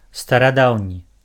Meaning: ancient
- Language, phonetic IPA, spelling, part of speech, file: Belarusian, [staraˈdau̯nʲi], старадаўні, adjective, Be-старадаўні.ogg